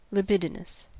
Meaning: 1. Having lustful desires; characterized by lewdness 2. Of or relating to the libido
- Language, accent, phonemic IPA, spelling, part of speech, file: English, US, /lɪˈbɪ.dɪ.nəs/, libidinous, adjective, En-us-libidinous.ogg